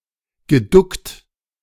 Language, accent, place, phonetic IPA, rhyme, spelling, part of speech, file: German, Germany, Berlin, [ɡəˈdʊkt], -ʊkt, geduckt, verb, De-geduckt.ogg
- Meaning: past participle of ducken